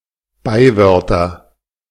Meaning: nominative/accusative/genitive plural of Beiwort
- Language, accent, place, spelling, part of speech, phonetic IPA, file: German, Germany, Berlin, Beiwörter, noun, [ˈbaɪ̯ˌvœʁtɐ], De-Beiwörter.ogg